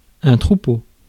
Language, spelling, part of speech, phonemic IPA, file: French, troupeau, noun, /tʁu.po/, Fr-troupeau.ogg
- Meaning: 1. herd (of horses, bulls, elephants, buffalo etc.) 2. drove (of animals being transported) 3. flock (of sheep); gaggle (of geese)